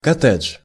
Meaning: 1. detached house, single-family house (a detached, typically two-floor suburban or exurban house with an attached plot of land) 2. cottage (in British or historical context)
- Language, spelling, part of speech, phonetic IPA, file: Russian, коттедж, noun, [kɐˈtɛt͡ʂʂ], Ru-коттедж.ogg